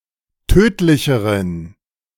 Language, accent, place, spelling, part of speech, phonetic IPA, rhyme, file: German, Germany, Berlin, tödlicheren, adjective, [ˈtøːtlɪçəʁən], -øːtlɪçəʁən, De-tödlicheren.ogg
- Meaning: inflection of tödlich: 1. strong genitive masculine/neuter singular comparative degree 2. weak/mixed genitive/dative all-gender singular comparative degree